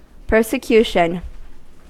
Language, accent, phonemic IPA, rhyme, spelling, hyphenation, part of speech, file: English, US, /ˌpɝsəˈkjuʃən/, -uːʃən, persecution, per‧se‧cu‧tion, noun, En-us-persecution.ogg
- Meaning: The act of persecuting, especially a specific group of people; an instance of persecution